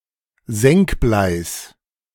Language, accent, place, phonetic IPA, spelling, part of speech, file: German, Germany, Berlin, [ˈzɛŋkˌblaɪ̯s], Senkbleis, noun, De-Senkbleis.ogg
- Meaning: genitive singular of Senkblei